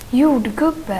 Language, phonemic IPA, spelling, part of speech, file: Swedish, /ˈjuːrdˌɡɵbɛ/, jordgubbe, noun, Sv-jordgubbe.ogg
- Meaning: 1. a strawberry, from Fragaria × ananassa 2. a wild strawberry, from Fragaria vesca 3. a musk strawberry, from Fragaria moschata 4. a creamy strawberry, from Fragaria viridis